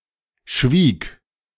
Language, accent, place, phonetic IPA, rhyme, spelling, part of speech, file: German, Germany, Berlin, [ʃviːk], -iːk, schwieg, verb, De-schwieg.ogg
- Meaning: first/third-person singular preterite of schweigen